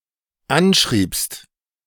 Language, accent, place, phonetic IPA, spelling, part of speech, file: German, Germany, Berlin, [ˈanˌʃʁiːpst], anschriebst, verb, De-anschriebst.ogg
- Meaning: second-person singular dependent preterite of anschreiben